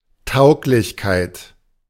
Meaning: fitness, suitability
- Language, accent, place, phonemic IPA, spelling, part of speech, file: German, Germany, Berlin, /ˈtaʊ̯klɪçˌkaɪ̯t/, Tauglichkeit, noun, De-Tauglichkeit.ogg